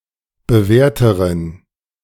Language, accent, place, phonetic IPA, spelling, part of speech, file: German, Germany, Berlin, [bəˈvɛːɐ̯təʁən], bewährteren, adjective, De-bewährteren.ogg
- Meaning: inflection of bewährt: 1. strong genitive masculine/neuter singular comparative degree 2. weak/mixed genitive/dative all-gender singular comparative degree